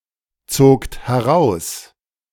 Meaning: second-person plural preterite of herausziehen
- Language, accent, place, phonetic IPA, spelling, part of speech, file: German, Germany, Berlin, [ˌt͡soːkt hɛˈʁaʊ̯s], zogt heraus, verb, De-zogt heraus.ogg